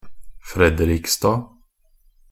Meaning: superseded spelling of Fredrikstad, used until 1877, then changed to Fredriksstad which was used until the spelling Fredrikstad was adopted in 1889
- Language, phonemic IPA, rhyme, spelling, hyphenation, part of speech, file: Norwegian Bokmål, /ˈfrɛdərɪkstɑː/, -ɪkstɑː, Frederiksstad, Fre‧de‧riks‧stad, proper noun, Nb-frederiksstad.ogg